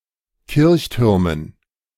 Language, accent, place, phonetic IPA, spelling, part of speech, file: German, Germany, Berlin, [ˈkɪʁçˌtʏʁmən], Kirchtürmen, noun, De-Kirchtürmen.ogg
- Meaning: dative plural of Kirchturm